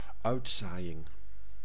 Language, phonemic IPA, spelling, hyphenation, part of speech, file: Dutch, /ˈœy̯tˌzaː.jɪŋ/, uitzaaiing, uit‧zaai‧ing, noun, Nl-uitzaaiing.ogg
- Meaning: metastasis